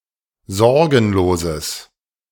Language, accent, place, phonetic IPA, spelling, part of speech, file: German, Germany, Berlin, [ˈzɔʁɡn̩loːzəs], sorgenloses, adjective, De-sorgenloses.ogg
- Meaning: strong/mixed nominative/accusative neuter singular of sorgenlos